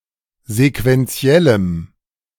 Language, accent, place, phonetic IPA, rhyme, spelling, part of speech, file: German, Germany, Berlin, [zekvɛnˈt͡si̯ɛləm], -ɛləm, sequenziellem, adjective, De-sequenziellem.ogg
- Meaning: strong dative masculine/neuter singular of sequenziell